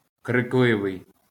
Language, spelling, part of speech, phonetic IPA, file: Ukrainian, крикливий, adjective, [kreˈkɫɪʋei̯], LL-Q8798 (ukr)-крикливий.wav
- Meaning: 1. vociferous, clamorous, shouty (tending to shout) 2. loud, flashy, garish, gaudy